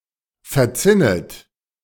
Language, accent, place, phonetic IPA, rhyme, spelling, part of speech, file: German, Germany, Berlin, [fɛɐ̯ˈt͡sɪnət], -ɪnət, verzinnet, verb, De-verzinnet.ogg
- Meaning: second-person plural subjunctive I of verzinnen